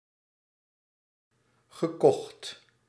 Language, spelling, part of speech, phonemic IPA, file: Dutch, gekocht, verb, /ɣə.ˈkɔxt/, Nl-gekocht.ogg
- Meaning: past participle of kopen